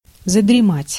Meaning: to doze off, to get drowsy
- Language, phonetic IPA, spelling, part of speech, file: Russian, [zədrʲɪˈmatʲ], задремать, verb, Ru-задремать.ogg